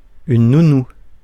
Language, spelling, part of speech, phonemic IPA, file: French, nounou, noun, /nu.nu/, Fr-nounou.ogg
- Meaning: nanny